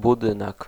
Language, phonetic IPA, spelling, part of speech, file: Polish, [buˈdɨ̃nɛk], budynek, noun, Pl-budynek.ogg